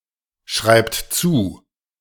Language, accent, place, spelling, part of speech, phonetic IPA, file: German, Germany, Berlin, schreibt zu, verb, [ˌʃʁaɪ̯pt ˈt͡suː], De-schreibt zu.ogg
- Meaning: inflection of zuschreiben: 1. third-person singular present 2. second-person plural present 3. plural imperative